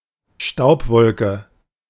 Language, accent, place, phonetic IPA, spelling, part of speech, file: German, Germany, Berlin, [ˈʃtaʊ̯pˌvɔlkə], Staubwolke, noun, De-Staubwolke.ogg
- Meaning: dustcloud